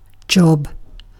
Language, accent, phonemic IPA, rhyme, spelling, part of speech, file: English, UK, /dʒɒb/, -ɒb, job, noun / verb, En-uk-job.ogg
- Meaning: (noun) 1. A task 2. An economic role for which a person is paid 3. Plastic surgery 4. A sex act 5. A task, or series of tasks, carried out in batch mode (especially on a mainframe computer)